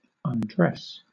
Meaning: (verb) 1. To remove one's clothing 2. To remove one’s clothing 3. To remove the clothing of (someone) 4. To strip something off 5. To take the dressing, or covering, from
- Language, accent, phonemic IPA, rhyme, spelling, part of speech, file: English, Southern England, /ʌnˈdɹɛs/, -ɛs, undress, verb / noun, LL-Q1860 (eng)-undress.wav